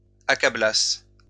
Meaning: first-person singular imperfect subjunctive of accabler
- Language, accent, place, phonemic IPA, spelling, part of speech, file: French, France, Lyon, /a.ka.blas/, accablasse, verb, LL-Q150 (fra)-accablasse.wav